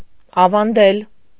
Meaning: 1. to pass on (as of a story or legend told from generation to generation) 2. to teach, to instruct 3. to pass on, to entrust, to bequeath
- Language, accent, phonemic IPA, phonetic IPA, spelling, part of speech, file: Armenian, Eastern Armenian, /ɑvɑnˈdel/, [ɑvɑndél], ավանդել, verb, Hy-ավանդել.ogg